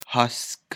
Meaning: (adjective) high; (noun) sky
- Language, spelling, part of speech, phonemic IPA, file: Pashto, هسک, adjective / noun, /hask/, هسک.ogg